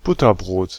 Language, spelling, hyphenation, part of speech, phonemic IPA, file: German, Butterbrot, But‧ter‧brot, noun, /ˈbʊtɐˌbʁoːt/, De-Butterbrot.ogg
- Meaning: 1. A slice of bread topped with butter and often other toppings; an open sandwich 2. A sandwich (brought along to eat at school, at work, on a trip, etc.)